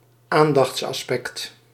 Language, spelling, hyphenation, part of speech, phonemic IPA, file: Dutch, aandachtsaspect, aan‧dachts‧as‧pect, noun, /ˈaːn.dɑxts.ɑsˌpɛkt/, Nl-aandachtsaspect.ogg
- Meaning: aspect of attention